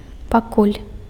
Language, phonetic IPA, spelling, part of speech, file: Belarusian, [paˈkulʲ], пакуль, adverb / conjunction, Be-пакуль.ogg
- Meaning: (adverb) for the time being, for now; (conjunction) as long as